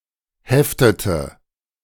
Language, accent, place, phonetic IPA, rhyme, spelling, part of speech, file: German, Germany, Berlin, [ˈhɛftətə], -ɛftətə, heftete, verb, De-heftete.ogg
- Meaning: inflection of heften: 1. first/third-person singular preterite 2. first/third-person singular subjunctive II